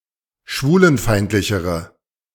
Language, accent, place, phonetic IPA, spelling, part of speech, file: German, Germany, Berlin, [ˈʃvuːlənˌfaɪ̯ntlɪçəʁə], schwulenfeindlichere, adjective, De-schwulenfeindlichere.ogg
- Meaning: inflection of schwulenfeindlich: 1. strong/mixed nominative/accusative feminine singular comparative degree 2. strong nominative/accusative plural comparative degree